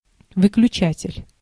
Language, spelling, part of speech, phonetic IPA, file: Russian, выключатель, noun, [vɨklʲʉˈt͡ɕætʲɪlʲ], Ru-выключатель.ogg
- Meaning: switch